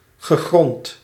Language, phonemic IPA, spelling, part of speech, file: Dutch, /ɣəˈɣrɔnt/, gegrond, verb / adjective, Nl-gegrond.ogg
- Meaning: 1. well-founded 2. justified